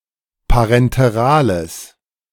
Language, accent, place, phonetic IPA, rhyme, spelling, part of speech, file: German, Germany, Berlin, [paʁɛnteˈʁaːləs], -aːləs, parenterales, adjective, De-parenterales.ogg
- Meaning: strong/mixed nominative/accusative neuter singular of parenteral